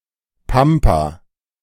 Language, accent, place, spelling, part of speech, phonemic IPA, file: German, Germany, Berlin, Pampa, noun, /ˈpampa/, De-Pampa.ogg
- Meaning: 1. the pampas (extensive plains of southern South America) 2. the sticks, the middle of nowhere